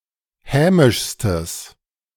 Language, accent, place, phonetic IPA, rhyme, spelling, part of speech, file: German, Germany, Berlin, [ˈhɛːmɪʃstəs], -ɛːmɪʃstəs, hämischstes, adjective, De-hämischstes.ogg
- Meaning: strong/mixed nominative/accusative neuter singular superlative degree of hämisch